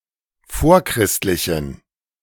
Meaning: inflection of vorchristlich: 1. strong genitive masculine/neuter singular 2. weak/mixed genitive/dative all-gender singular 3. strong/weak/mixed accusative masculine singular 4. strong dative plural
- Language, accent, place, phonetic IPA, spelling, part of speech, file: German, Germany, Berlin, [ˈfoːɐ̯ˌkʁɪstlɪçn̩], vorchristlichen, adjective, De-vorchristlichen.ogg